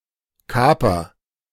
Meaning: caper
- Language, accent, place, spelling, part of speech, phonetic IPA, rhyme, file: German, Germany, Berlin, Kaper, noun, [ˈkaːpɐ], -aːpɐ, De-Kaper.ogg